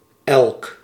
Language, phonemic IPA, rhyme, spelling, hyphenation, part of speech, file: Dutch, /ɛlk/, -ɛlk, elk, elk, determiner / pronoun, Nl-elk.ogg
- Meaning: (determiner) each; every; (pronoun) everyone; everybody